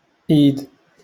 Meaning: hand
- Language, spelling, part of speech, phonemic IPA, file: Moroccan Arabic, ايد, noun, /ʔiːd/, LL-Q56426 (ary)-ايد.wav